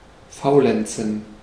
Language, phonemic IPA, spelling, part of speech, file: German, /ˈfaʊ̯ˌlɛn(t)sən/, faulenzen, verb, De-faulenzen.ogg
- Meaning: to laze